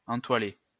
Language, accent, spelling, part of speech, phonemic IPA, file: French, France, entoiler, verb, /ɑ̃.twa.le/, LL-Q150 (fra)-entoiler.wav
- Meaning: to canvas (cover with canvas)